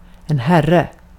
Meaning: 1. a man, a gentleman, a sir (a respected man) 2. the men's room, the men's (short for herrarnas toalett) 3. a lord, a master (a man who has authority over something or someone) 4. Lord
- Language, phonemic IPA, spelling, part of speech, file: Swedish, /²hɛrːɛ/, herre, noun, Sv-herre.ogg